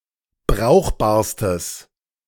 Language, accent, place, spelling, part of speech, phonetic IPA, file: German, Germany, Berlin, brauchbarstes, adjective, [ˈbʁaʊ̯xbaːɐ̯stəs], De-brauchbarstes.ogg
- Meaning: strong/mixed nominative/accusative neuter singular superlative degree of brauchbar